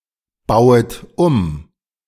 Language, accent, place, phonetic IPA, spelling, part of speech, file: German, Germany, Berlin, [ˌbaʊ̯ət ˈum], bauet um, verb, De-bauet um.ogg
- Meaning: second-person plural subjunctive I of umbauen